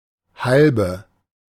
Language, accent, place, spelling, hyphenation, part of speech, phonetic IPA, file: German, Germany, Berlin, Halbe, Hal‧be, noun, [ˈhalbə], De-Halbe.ogg
- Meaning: half-litre of beer